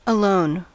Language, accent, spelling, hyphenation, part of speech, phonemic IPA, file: English, US, alone, a‧lone, adjective / adverb, /əˈloʊn/, En-us-alone.ogg
- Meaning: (adjective) 1. By oneself, solitary 2. By oneself, solitary.: Not involved in a romantic relationship 3. Lacking peers who share one's beliefs, experiences, practices, etc